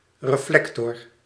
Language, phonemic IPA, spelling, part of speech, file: Dutch, /rəˈflɛktɔr/, reflector, noun, Nl-reflector.ogg
- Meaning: reflector (reflecting disk on the rear of a vehicle; chiefly a bicycle)